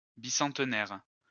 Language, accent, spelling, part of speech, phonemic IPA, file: French, France, bicentenaire, noun, /bi.sɑ̃t.nɛʁ/, LL-Q150 (fra)-bicentenaire.wav
- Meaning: bicentenary, bicentennial